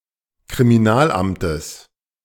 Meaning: genitive singular of Kriminalamt
- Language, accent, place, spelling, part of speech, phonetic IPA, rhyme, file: German, Germany, Berlin, Kriminalamtes, noun, [kʁimiˈnaːlˌʔamtəs], -aːlʔamtəs, De-Kriminalamtes.ogg